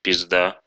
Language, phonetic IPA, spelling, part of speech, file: Russian, [pʲɪzˈda], пизда, noun, Ru-пизда́.ogg
- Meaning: 1. pussy, cunt, twat 2. woman, bitch, ho 3. bad situation